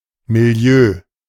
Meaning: 1. atmosphere, ambiance, environment, setting (in general) 2. a specific social environment or setting 3. underworld; demimonde; world of crime, drugs, and/or prostitution
- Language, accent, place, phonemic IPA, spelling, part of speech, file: German, Germany, Berlin, /miˈli̯øː/, Milieu, noun, De-Milieu.ogg